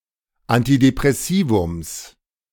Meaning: genitive singular of Antidepressivum
- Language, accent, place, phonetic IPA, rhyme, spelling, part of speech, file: German, Germany, Berlin, [antidepʁɛˈsiːvʊms], -iːvʊms, Antidepressivums, noun, De-Antidepressivums.ogg